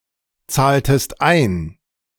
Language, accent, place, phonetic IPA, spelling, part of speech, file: German, Germany, Berlin, [ˌt͡saːltəst ˈaɪ̯n], zahltest ein, verb, De-zahltest ein.ogg
- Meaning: inflection of einzahlen: 1. second-person singular preterite 2. second-person singular subjunctive II